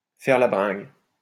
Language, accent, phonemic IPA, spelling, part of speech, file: French, France, /fɛʁ la bʁɛ̃ɡ/, faire la bringue, verb, LL-Q150 (fra)-faire la bringue.wav
- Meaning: to party, to live it up, to whoop it up